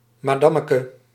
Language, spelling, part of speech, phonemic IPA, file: Dutch, madammeke, noun, /maˈdɑməkə/, Nl-madammeke.ogg
- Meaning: diminutive of madam